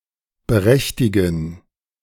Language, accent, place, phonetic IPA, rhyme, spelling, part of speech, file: German, Germany, Berlin, [bəˈʁɛçtɪɡn̩], -ɛçtɪɡn̩, berechtigen, verb, De-berechtigen.ogg
- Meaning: 1. to entitle 2. to authorize